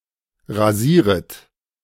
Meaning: second-person plural subjunctive I of rasieren
- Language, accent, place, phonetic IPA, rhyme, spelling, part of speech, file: German, Germany, Berlin, [ʁaˈziːʁət], -iːʁət, rasieret, verb, De-rasieret.ogg